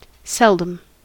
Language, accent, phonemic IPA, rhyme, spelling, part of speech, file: English, US, /ˈsɛldəm/, -ɛldəm, seldom, adverb / adjective, En-us-seldom.ogg
- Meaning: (adverb) Infrequently, rarely; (adjective) Rare; infrequent